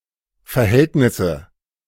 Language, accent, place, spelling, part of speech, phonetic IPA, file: German, Germany, Berlin, Verhältnisse, noun, [fɛɐ̯ˈhɛltnɪsə], De-Verhältnisse.ogg
- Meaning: nominative/accusative/genitive plural of Verhältnis